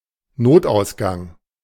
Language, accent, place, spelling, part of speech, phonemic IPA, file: German, Germany, Berlin, Notausgang, noun, /ˈnoːtʔaʊ̯sɡaŋ/, De-Notausgang.ogg
- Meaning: emergency exit, fire escape